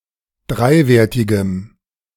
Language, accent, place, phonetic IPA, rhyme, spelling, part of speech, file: German, Germany, Berlin, [ˈdʁaɪ̯ˌveːɐ̯tɪɡəm], -aɪ̯veːɐ̯tɪɡəm, dreiwertigem, adjective, De-dreiwertigem.ogg
- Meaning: strong dative masculine/neuter singular of dreiwertig